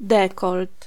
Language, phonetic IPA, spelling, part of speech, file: Polish, [ˈdɛkɔlt], dekolt, noun, Pl-dekolt.ogg